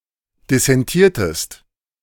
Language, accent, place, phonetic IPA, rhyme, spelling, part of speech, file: German, Germany, Berlin, [dɪsɛnˈtiːɐ̯təst], -iːɐ̯təst, dissentiertest, verb, De-dissentiertest.ogg
- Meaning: inflection of dissentieren: 1. second-person singular preterite 2. second-person singular subjunctive II